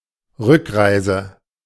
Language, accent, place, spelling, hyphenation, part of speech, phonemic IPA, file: German, Germany, Berlin, Rückreise, Rück‧rei‧se, noun, /ˈʁʏkˌʁaɪ̯zə/, De-Rückreise.ogg
- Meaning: return trip, return journey, trip back